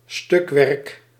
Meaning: piece work
- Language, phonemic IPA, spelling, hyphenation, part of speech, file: Dutch, /ˈstʏk.ʋɛrk/, stukwerk, stuk‧werk, noun, Nl-stukwerk.ogg